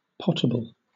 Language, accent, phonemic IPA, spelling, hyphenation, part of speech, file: English, Southern England, /ˈpəʊtəbəl/, potable, pot‧a‧ble, adjective / noun, LL-Q1860 (eng)-potable.wav
- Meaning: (adjective) Good for drinking without fear of waterborne disease or poisoning; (noun) Any drinkable liquid; a beverage